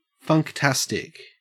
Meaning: funky; cool or stylish, especially in a way that relates to funk music
- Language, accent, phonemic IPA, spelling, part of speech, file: English, Australia, /fʌŋkˈtæstɪk/, funktastic, adjective, En-au-funktastic.ogg